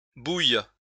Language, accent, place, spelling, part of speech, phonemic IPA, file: French, France, Lyon, bouilles, verb, /buj/, LL-Q150 (fra)-bouilles.wav
- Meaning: second-person singular present subjunctive of bouillir